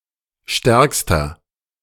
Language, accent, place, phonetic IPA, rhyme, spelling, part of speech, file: German, Germany, Berlin, [ˈʃtɛʁkstɐ], -ɛʁkstɐ, stärkster, adjective, De-stärkster.ogg
- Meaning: inflection of stark: 1. strong/mixed nominative masculine singular superlative degree 2. strong genitive/dative feminine singular superlative degree 3. strong genitive plural superlative degree